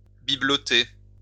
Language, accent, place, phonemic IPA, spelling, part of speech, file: French, France, Lyon, /bi.blɔ.te/, bibeloter, verb, LL-Q150 (fra)-bibeloter.wav
- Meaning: to make/sell/buy/collect knickknacks